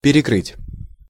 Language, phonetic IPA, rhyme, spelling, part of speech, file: Russian, [pʲɪrʲɪˈkrɨtʲ], -ɨtʲ, перекрыть, verb, Ru-перекрыть.ogg
- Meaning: 1. to exceed 2. to stop up, to block 3. to cut off 4. to overlap 5. to re-cover 6. to trump, to overtrump